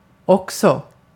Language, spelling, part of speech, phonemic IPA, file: Swedish, också, adverb, /²ɔksɔ/, Sv-också.ogg
- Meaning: too, as well, also